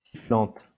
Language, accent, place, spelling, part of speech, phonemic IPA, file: French, France, Lyon, sifflante, noun / adjective, /si.flɑ̃t/, LL-Q150 (fra)-sifflante.wav
- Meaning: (noun) sibilant; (adjective) feminine singular of sifflant